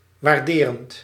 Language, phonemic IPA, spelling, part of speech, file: Dutch, /warˈderənt/, waarderend, verb / adjective, Nl-waarderend.ogg
- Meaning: present participle of waarderen